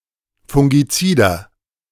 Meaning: inflection of fungizid: 1. strong/mixed nominative masculine singular 2. strong genitive/dative feminine singular 3. strong genitive plural
- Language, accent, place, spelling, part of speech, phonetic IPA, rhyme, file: German, Germany, Berlin, fungizider, adjective, [fʊŋɡiˈt͡siːdɐ], -iːdɐ, De-fungizider.ogg